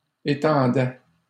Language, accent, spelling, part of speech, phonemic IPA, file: French, Canada, étendais, verb, /e.tɑ̃.dɛ/, LL-Q150 (fra)-étendais.wav
- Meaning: first/second-person singular imperfect indicative of étendre